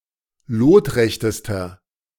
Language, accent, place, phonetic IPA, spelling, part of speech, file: German, Germany, Berlin, [ˈloːtˌʁɛçtəstɐ], lotrechtester, adjective, De-lotrechtester.ogg
- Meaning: inflection of lotrecht: 1. strong/mixed nominative masculine singular superlative degree 2. strong genitive/dative feminine singular superlative degree 3. strong genitive plural superlative degree